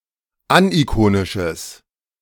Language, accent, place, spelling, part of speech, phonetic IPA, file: German, Germany, Berlin, anikonisches, adjective, [ˈanʔiˌkoːnɪʃəs], De-anikonisches.ogg
- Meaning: strong/mixed nominative/accusative neuter singular of anikonisch